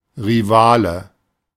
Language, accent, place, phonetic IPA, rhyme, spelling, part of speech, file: German, Germany, Berlin, [ʁiˈvaːlə], -aːlə, Rivale, noun, De-Rivale.ogg
- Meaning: rival (opponent striving for the same goal, e.g. in competition or courtship)